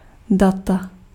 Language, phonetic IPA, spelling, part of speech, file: Czech, [ˈdata], data, noun, Cs-data.ogg
- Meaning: data